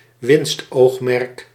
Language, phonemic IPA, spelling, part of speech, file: Dutch, /ˈwɪnstoxmɛrᵊk/, winstoogmerk, noun, Nl-winstoogmerk.ogg
- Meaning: profit motive